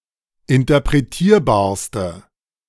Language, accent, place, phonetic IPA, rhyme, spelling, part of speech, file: German, Germany, Berlin, [ɪntɐpʁeˈtiːɐ̯baːɐ̯stə], -iːɐ̯baːɐ̯stə, interpretierbarste, adjective, De-interpretierbarste.ogg
- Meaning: inflection of interpretierbar: 1. strong/mixed nominative/accusative feminine singular superlative degree 2. strong nominative/accusative plural superlative degree